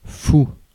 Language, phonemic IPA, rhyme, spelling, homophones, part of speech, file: French, /fu/, -u, fou, fous / fout, adjective / noun, Fr-fou.ogg
- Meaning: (adjective) mad, crazy; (noun) 1. madman 2. jester (court entertainer) 3. nut (extreme enthusiast) 4. bishop 5. booby (bird)